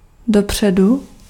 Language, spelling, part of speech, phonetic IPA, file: Czech, dopředu, adverb / verb, [ˈdopr̝̊ɛdu], Cs-dopředu.ogg
- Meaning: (adverb) forward; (verb) first-person singular future of dopříst